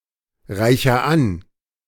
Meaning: inflection of anreichern: 1. first-person singular present 2. singular imperative
- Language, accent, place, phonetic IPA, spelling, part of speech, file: German, Germany, Berlin, [ˌʁaɪ̯çɐ ˈan], reicher an, verb, De-reicher an.ogg